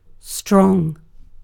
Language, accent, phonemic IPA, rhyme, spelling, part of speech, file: English, UK, /stɹɒŋ/, -ɒŋ, strong, adjective / noun / adverb, En-uk-strong.ogg
- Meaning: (adjective) 1. Capable of producing great physical force 2. Capable of withstanding great physical force 3. Possessing power, might, or strength 4. Determined; unyielding